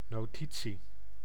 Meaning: note (writing)
- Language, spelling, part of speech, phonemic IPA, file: Dutch, notitie, noun, /noːˈti(t).si/, Nl-notitie.ogg